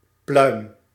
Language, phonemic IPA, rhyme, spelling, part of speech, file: Dutch, /plœy̯m/, -œy̯m, pluim, noun / verb, Nl-pluim.ogg
- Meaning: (noun) 1. a plume, feather 2. A compliment, praise, a feather on one's cap 3. a plume-shaped object or part of another organ, e.g. on a butterfly's wings 4. down